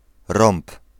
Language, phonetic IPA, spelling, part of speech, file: Polish, [rɔ̃mp], romb, noun, Pl-romb.ogg